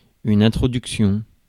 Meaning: introduction
- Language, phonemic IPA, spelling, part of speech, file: French, /ɛ̃.tʁɔ.dyk.sjɔ̃/, introduction, noun, Fr-introduction.ogg